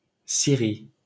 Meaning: Syria (a country in West Asia in the Middle East)
- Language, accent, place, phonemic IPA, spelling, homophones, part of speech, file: French, France, Paris, /si.ʁi/, Syrie, scierie, proper noun, LL-Q150 (fra)-Syrie.wav